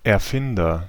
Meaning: inventor (male or of unspecified gender)
- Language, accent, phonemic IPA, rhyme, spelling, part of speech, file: German, Germany, /ɛɐ̯ˈfɪndɐ/, -ɪndɐ, Erfinder, noun, De-Erfinder.ogg